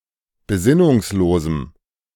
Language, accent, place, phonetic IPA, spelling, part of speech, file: German, Germany, Berlin, [beˈzɪnʊŋsˌloːzm̩], besinnungslosem, adjective, De-besinnungslosem.ogg
- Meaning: strong dative masculine/neuter singular of besinnungslos